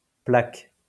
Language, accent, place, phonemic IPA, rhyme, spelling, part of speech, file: French, France, Lyon, /plak/, -ak, plaques, verb / noun, LL-Q150 (fra)-plaques.wav
- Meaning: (verb) second-person singular present indicative/subjunctive of plaquer; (noun) plural of plaque